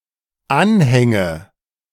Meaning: nominative/accusative/genitive plural of Anhang
- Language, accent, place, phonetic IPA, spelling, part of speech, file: German, Germany, Berlin, [ˈanhɛŋə], Anhänge, noun, De-Anhänge.ogg